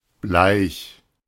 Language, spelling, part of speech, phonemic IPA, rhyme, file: German, bleich, adjective, /blaɪ̯ç/, -aɪ̯ç, De-bleich.oga
- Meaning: pale, pallid